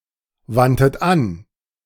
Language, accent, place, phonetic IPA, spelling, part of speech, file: German, Germany, Berlin, [ˌvantət ˈan], wandtet an, verb, De-wandtet an.ogg
- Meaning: 1. first-person plural preterite of anwenden 2. third-person plural preterite of anwenden# second-person plural preterite of anwenden